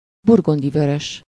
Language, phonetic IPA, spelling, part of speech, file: Hungarian, [ˈburɡundivørøʃ], burgundi vörös, adjective, Hu-burgundi vörös.ogg
- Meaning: burgundy (colour)